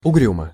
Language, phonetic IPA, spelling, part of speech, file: Russian, [ʊˈɡrʲumə], угрюмо, adverb / adjective, Ru-угрюмо.ogg
- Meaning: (adverb) 1. morosely, sullenly 2. bleakly, forbiddingly; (adjective) short neuter singular of угрю́мый (ugrjúmyj)